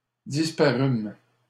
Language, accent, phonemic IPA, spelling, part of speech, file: French, Canada, /dis.pa.ʁym/, disparûmes, verb, LL-Q150 (fra)-disparûmes.wav
- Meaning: first-person plural past historic of disparaître